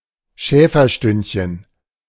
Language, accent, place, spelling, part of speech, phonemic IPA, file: German, Germany, Berlin, Schäferstündchen, noun, /ˈʃɛːfɐˌʃtʏntçən/, De-Schäferstündchen.ogg
- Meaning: tryst, quickie